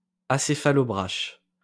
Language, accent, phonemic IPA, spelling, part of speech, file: French, France, /a.se.fa.lɔ.bʁaʃ/, acéphalobrache, adjective, LL-Q150 (fra)-acéphalobrache.wav
- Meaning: synonym of abrachiocéphale